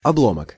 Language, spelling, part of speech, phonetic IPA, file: Russian, обломок, noun, [ɐˈbɫomək], Ru-обломок.ogg
- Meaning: 1. fragment 2. debris, wreckage, flotsam